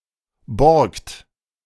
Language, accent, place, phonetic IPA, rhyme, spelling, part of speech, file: German, Germany, Berlin, [bɔʁkt], -ɔʁkt, borgt, verb, De-borgt.ogg
- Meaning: inflection of borgen: 1. third-person singular present 2. second-person plural present 3. plural imperative